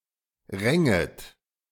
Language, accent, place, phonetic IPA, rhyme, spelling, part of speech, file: German, Germany, Berlin, [ˈʁɛŋət], -ɛŋət, ränget, verb, De-ränget.ogg
- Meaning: second-person plural subjunctive II of ringen